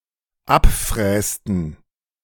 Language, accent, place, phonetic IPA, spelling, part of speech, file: German, Germany, Berlin, [ˈapˌfʁɛːstn̩], abfrästen, verb, De-abfrästen.ogg
- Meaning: inflection of abfräsen: 1. first/third-person plural dependent preterite 2. first/third-person plural dependent subjunctive II